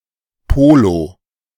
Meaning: polo (ball game)
- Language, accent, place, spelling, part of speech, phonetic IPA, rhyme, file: German, Germany, Berlin, Polo, noun, [ˈpoːlo], -oːlo, De-Polo.ogg